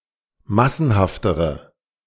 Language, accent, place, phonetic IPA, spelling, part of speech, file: German, Germany, Berlin, [ˈmasn̩haftəʁə], massenhaftere, adjective, De-massenhaftere.ogg
- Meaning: inflection of massenhaft: 1. strong/mixed nominative/accusative feminine singular comparative degree 2. strong nominative/accusative plural comparative degree